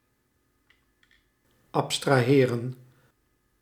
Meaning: to abstract
- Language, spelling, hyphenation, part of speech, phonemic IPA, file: Dutch, abstraheren, ab‧stra‧he‧ren, verb, /ˌɑp.straːˈɦeːrə(n)/, Nl-abstraheren.ogg